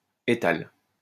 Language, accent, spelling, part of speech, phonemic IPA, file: French, France, étale, verb, /e.tal/, LL-Q150 (fra)-étale.wav
- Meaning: inflection of étaler: 1. first/third-person singular present indicative/subjunctive 2. second-person singular imperative